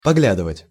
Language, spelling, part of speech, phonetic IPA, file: Russian, поглядывать, verb, [pɐˈɡlʲadɨvətʲ], Ru-поглядывать.ogg
- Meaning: 1. to cast a glance (from time to time) 2. to look (after), to keep an eye (on)